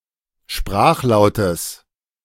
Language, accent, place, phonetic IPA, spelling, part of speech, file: German, Germany, Berlin, [ˈʃpʁaːxˌlaʊ̯təs], Sprachlautes, noun, De-Sprachlautes.ogg
- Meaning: genitive singular of Sprachlaut